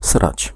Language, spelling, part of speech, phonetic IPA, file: Polish, srać, verb, [srat͡ɕ], Pl-srać.ogg